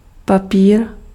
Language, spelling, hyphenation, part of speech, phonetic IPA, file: Czech, papír, pa‧pír, noun, [ˈpapiːr], Cs-papír.ogg
- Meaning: 1. paper 2. document, certificate